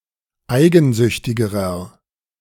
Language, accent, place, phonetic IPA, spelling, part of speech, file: German, Germany, Berlin, [ˈaɪ̯ɡn̩ˌzʏçtɪɡəʁɐ], eigensüchtigerer, adjective, De-eigensüchtigerer.ogg
- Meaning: inflection of eigensüchtig: 1. strong/mixed nominative masculine singular comparative degree 2. strong genitive/dative feminine singular comparative degree 3. strong genitive plural comparative degree